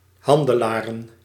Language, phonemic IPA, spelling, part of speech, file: Dutch, /ˈhɑndəˌlarə(n)/, handelaren, noun, Nl-handelaren.ogg
- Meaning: plural of handelaar